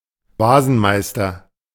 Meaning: someone who professionally strips dead animals for reuse, knacker
- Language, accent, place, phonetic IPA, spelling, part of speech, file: German, Germany, Berlin, [ˈvaːzn̩ˌmaɪ̯stɐ], Wasenmeister, noun, De-Wasenmeister.ogg